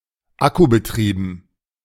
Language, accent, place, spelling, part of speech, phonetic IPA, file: German, Germany, Berlin, akkubetrieben, adjective, [ˈakubəˌtʁiːbn̩], De-akkubetrieben.ogg
- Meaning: accumulator-powered